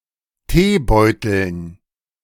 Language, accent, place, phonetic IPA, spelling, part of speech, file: German, Germany, Berlin, [ˈteːˌbɔɪ̯tl̩n], Teebeuteln, noun, De-Teebeuteln.ogg
- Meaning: dative plural of Teebeutel